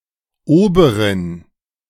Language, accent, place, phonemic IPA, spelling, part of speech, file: German, Germany, Berlin, /ˈoːbəʁɪn/, Oberin, noun, De-Oberin.ogg
- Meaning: 1. (mother) superior (leader of a convent, especially one that is a branch of another) 2. feminine of Ober (“waiter”)